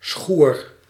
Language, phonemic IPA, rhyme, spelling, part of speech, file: Dutch, /sxuːr/, -uːr, schoer, noun, Nl-schoer.ogg
- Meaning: downpour, heavy rainshower